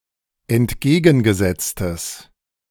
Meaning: strong/mixed nominative/accusative neuter singular of entgegengesetzt
- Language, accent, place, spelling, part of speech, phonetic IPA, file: German, Germany, Berlin, entgegengesetztes, adjective, [ɛntˈɡeːɡn̩ɡəˌzɛt͡stəs], De-entgegengesetztes.ogg